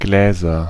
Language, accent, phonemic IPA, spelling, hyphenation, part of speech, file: German, Germany, /ˈɡleːzɐ/, Gläser, Glä‧ser, noun, De-Gläser.ogg
- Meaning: nominative/accusative/genitive plural of Glas